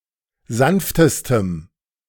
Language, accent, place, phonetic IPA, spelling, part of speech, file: German, Germany, Berlin, [ˈzanftəstəm], sanftestem, adjective, De-sanftestem.ogg
- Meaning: strong dative masculine/neuter singular superlative degree of sanft